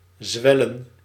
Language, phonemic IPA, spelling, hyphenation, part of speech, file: Dutch, /ˈzʋɛlə(n)/, zwellen, zwel‧len, verb, Nl-zwellen.ogg
- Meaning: to swell